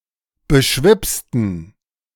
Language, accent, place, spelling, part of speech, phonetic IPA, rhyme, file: German, Germany, Berlin, beschwipsten, adjective / verb, [bəˈʃvɪpstn̩], -ɪpstn̩, De-beschwipsten.ogg
- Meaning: inflection of beschwipst: 1. strong genitive masculine/neuter singular 2. weak/mixed genitive/dative all-gender singular 3. strong/weak/mixed accusative masculine singular 4. strong dative plural